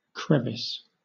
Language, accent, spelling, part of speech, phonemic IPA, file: English, Southern England, crevice, noun / verb, /ˈkɹɛvɪs/, LL-Q1860 (eng)-crevice.wav
- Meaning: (noun) 1. A narrow crack or fissure, as in a rock or wall 2. The vagina; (verb) To crack; to flaw